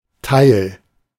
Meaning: 1. part, piece (of a whole, often in relation to living things or an abstract concept) 2. fraction of a whole
- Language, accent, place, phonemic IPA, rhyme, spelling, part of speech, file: German, Germany, Berlin, /taɪ̯l/, -aɪ̯l, Teil, noun, De-Teil.ogg